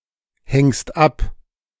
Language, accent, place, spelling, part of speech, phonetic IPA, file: German, Germany, Berlin, hängst ab, verb, [ˌhɛŋst ˈap], De-hängst ab.ogg
- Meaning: second-person singular present of abhängen